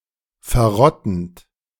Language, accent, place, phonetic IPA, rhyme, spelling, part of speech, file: German, Germany, Berlin, [fɛɐ̯ˈʁɔtn̩t], -ɔtn̩t, verrottend, verb, De-verrottend.ogg
- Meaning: present participle of verrotten